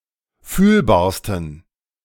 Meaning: 1. superlative degree of fühlbar 2. inflection of fühlbar: strong genitive masculine/neuter singular superlative degree
- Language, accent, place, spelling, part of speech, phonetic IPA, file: German, Germany, Berlin, fühlbarsten, adjective, [ˈfyːlbaːɐ̯stn̩], De-fühlbarsten.ogg